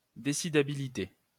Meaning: decidability
- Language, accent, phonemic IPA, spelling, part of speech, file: French, France, /de.si.da.bi.li.te/, décidabilité, noun, LL-Q150 (fra)-décidabilité.wav